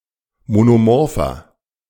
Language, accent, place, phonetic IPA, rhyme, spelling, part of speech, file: German, Germany, Berlin, [monoˈmɔʁfɐ], -ɔʁfɐ, monomorpher, adjective, De-monomorpher.ogg
- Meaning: inflection of monomorph: 1. strong/mixed nominative masculine singular 2. strong genitive/dative feminine singular 3. strong genitive plural